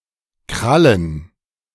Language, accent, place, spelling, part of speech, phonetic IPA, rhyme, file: German, Germany, Berlin, Krallen, noun, [ˈkʁalən], -alən, De-Krallen.ogg
- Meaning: plural of Kralle